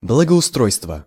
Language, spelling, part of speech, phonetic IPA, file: Russian, благоустройства, noun, [bɫəɡəʊˈstrojstvə], Ru-благоустройства.ogg
- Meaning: inflection of благоустро́йство (blagoustrójstvo): 1. genitive singular 2. nominative/accusative plural